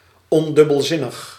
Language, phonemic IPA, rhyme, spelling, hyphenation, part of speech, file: Dutch, /ˌɔn.dʏ.bəlˈzɪ.nəx/, -ɪnəx, ondubbelzinnig, on‧dub‧bel‧zin‧nig, adjective, Nl-ondubbelzinnig.ogg
- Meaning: unambiguous